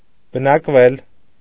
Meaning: 1. mediopassive of բնակել (bnakel) 2. to live, reside
- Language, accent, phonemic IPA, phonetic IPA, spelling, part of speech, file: Armenian, Eastern Armenian, /bənɑkˈvel/, [bənɑkvél], բնակվել, verb, Hy-բնակվել.ogg